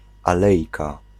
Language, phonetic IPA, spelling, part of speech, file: Polish, [aˈlɛjka], alejka, noun, Pl-alejka.ogg